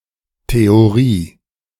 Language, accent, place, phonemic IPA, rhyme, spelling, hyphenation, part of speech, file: German, Germany, Berlin, /te.oˈʁiː/, -iː, Theorie, The‧o‧rie, noun, De-Theorie.ogg
- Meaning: theory